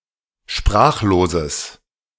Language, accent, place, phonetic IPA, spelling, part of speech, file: German, Germany, Berlin, [ˈʃpʁaːxloːzəs], sprachloses, adjective, De-sprachloses.ogg
- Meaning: strong/mixed nominative/accusative neuter singular of sprachlos